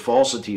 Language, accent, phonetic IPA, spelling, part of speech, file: English, General American, [ˈfɑl.sɪ.ɾi], falsity, noun, En-us-falsity.ogg
- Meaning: 1. Something that is false; an untrue assertion 2. The characteristic of being untrue